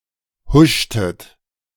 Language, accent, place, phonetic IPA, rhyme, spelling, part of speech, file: German, Germany, Berlin, [ˈhʊʃtət], -ʊʃtət, huschtet, verb, De-huschtet.ogg
- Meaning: inflection of huschen: 1. second-person plural preterite 2. second-person plural subjunctive II